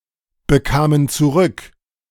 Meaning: first/third-person plural preterite of zurückbekommen
- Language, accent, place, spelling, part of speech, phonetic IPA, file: German, Germany, Berlin, bekamen zurück, verb, [bəˌkaːmən t͡suˈʁʏk], De-bekamen zurück.ogg